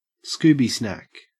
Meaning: 1. A treat, usually a snack, especially if given as a reward 2. A recreational drug, particularly cannabis or methamphetamine
- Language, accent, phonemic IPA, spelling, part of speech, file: English, Australia, /ˈskuːbi ˌsnak/, Scooby snack, noun, En-au-Scooby snack.ogg